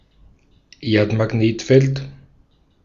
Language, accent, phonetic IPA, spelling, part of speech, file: German, Austria, [ˈeːɐ̯tmaˌɡneːtfɛlt], Erdmagnetfeld, noun, De-at-Erdmagnetfeld.ogg
- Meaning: Earth's magnetic field